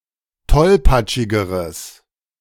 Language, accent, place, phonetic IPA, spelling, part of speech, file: German, Germany, Berlin, [ˈtɔlpat͡ʃɪɡəʁəs], tollpatschigeres, adjective, De-tollpatschigeres.ogg
- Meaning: strong/mixed nominative/accusative neuter singular comparative degree of tollpatschig